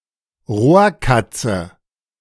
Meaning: jungle cat (Felis chaus)
- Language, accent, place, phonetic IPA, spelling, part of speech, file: German, Germany, Berlin, [ˈʁoːɐ̯ˌkat͡sə], Rohrkatze, noun, De-Rohrkatze.ogg